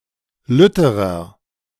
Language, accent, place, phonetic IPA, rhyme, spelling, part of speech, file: German, Germany, Berlin, [ˈlʏtəʁɐ], -ʏtəʁɐ, lütterer, adjective, De-lütterer.ogg
- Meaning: inflection of lütt: 1. strong/mixed nominative masculine singular comparative degree 2. strong genitive/dative feminine singular comparative degree 3. strong genitive plural comparative degree